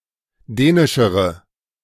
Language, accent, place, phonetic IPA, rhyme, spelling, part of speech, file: German, Germany, Berlin, [ˈdɛːnɪʃəʁə], -ɛːnɪʃəʁə, dänischere, adjective, De-dänischere.ogg
- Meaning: inflection of dänisch: 1. strong/mixed nominative/accusative feminine singular comparative degree 2. strong nominative/accusative plural comparative degree